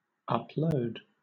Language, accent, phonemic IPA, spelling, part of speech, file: English, Southern England, /ˌʌpˈləʊd/, upload, verb, LL-Q1860 (eng)-upload.wav
- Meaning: 1. To transfer data to a computer on a network, especially to a server on the Internet 2. To transfer jurisdiction and responsibility of a government asset or service to a higher level of government